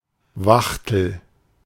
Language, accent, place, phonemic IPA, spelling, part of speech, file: German, Germany, Berlin, /ˈvaxtəl/, Wachtel, noun, De-Wachtel.ogg
- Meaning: 1. quail 2. screw (i.e., prison guard)